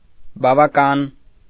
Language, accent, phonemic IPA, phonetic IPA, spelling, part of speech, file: Armenian, Eastern Armenian, /bɑvɑˈkɑn/, [bɑvɑkɑ́n], բավական, adverb / adjective, Hy-բավական .ogg
- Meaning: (adverb) enough, quite; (adjective) enough, sufficient